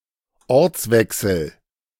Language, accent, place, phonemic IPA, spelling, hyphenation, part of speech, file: German, Germany, Berlin, /ˈɔʁt͡sˌvɛksl̩/, Ortswechsel, Orts‧wech‧sel, noun, De-Ortswechsel.ogg
- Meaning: change of location